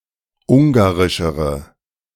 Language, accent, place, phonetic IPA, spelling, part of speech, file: German, Germany, Berlin, [ˈʊŋɡaʁɪʃəʁə], ungarischere, adjective, De-ungarischere.ogg
- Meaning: inflection of ungarisch: 1. strong/mixed nominative/accusative feminine singular comparative degree 2. strong nominative/accusative plural comparative degree